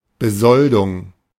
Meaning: salary
- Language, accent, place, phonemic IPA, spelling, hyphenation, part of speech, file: German, Germany, Berlin, /bəˈzɔldʊŋ/, Besoldung, Be‧sol‧dung, noun, De-Besoldung.ogg